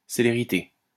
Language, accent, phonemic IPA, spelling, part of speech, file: French, France, /se.le.ʁi.te/, célérité, noun, LL-Q150 (fra)-célérité.wav
- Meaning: 1. celerity, swiftness, speed 2. celerity